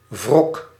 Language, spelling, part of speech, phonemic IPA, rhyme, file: Dutch, wrok, noun, /vrɔk/, -ɔk, Nl-wrok.ogg
- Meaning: 1. rancor (US), rancour (UK) 2. resentment, grudge